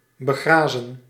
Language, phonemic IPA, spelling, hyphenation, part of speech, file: Dutch, /bəˈɣraː.zə(n)/, begrazen, be‧gra‧zen, verb, Nl-begrazen.ogg
- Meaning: 1. to graze on 2. to plant grass on